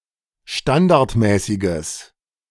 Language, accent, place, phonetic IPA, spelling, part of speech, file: German, Germany, Berlin, [ˈʃtandaʁtˌmɛːsɪɡəs], standardmäßiges, adjective, De-standardmäßiges.ogg
- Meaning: strong/mixed nominative/accusative neuter singular of standardmäßig